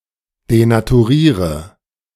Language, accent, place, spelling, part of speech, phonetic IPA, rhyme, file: German, Germany, Berlin, denaturiere, verb, [denatuˈʁiːʁə], -iːʁə, De-denaturiere.ogg
- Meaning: inflection of denaturieren: 1. first-person singular present 2. first/third-person singular subjunctive I 3. singular imperative